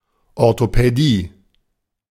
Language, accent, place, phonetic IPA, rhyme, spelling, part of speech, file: German, Germany, Berlin, [ɔʁtopɛˈdiː], -iː, Orthopädie, noun, De-Orthopädie.ogg
- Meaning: orthopaedics